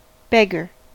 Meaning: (noun) 1. A person who begs 2. A person suffering from extreme poverty 3. A mean or wretched person; a scoundrel 4. A minced oath for bugger 5. the last placer in Tycoon
- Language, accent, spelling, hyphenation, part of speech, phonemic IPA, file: English, US, beggar, beg‧gar, noun / verb, /ˈbɛɡɚ/, En-us-beggar.ogg